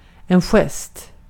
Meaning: 1. a gesture; a motion of the hands 2. a gesture; a symbolic action, a signal
- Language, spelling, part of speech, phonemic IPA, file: Swedish, gest, noun, /ˈɧɛst/, Sv-gest.ogg